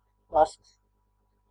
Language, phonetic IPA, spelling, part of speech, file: Latvian, [vasks], vasks, noun, Lv-vasks.ogg
- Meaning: wax (an oily, water-resistant substance)